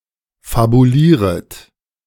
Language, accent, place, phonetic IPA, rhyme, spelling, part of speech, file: German, Germany, Berlin, [fabuˈliːʁət], -iːʁət, fabulieret, verb, De-fabulieret.ogg
- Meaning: second-person plural subjunctive I of fabulieren